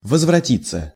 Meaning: 1. to return, to come back 2. passive of возврати́ть (vozvratítʹ)
- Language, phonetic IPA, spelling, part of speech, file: Russian, [vəzvrɐˈtʲit͡sːə], возвратиться, verb, Ru-возвратиться.ogg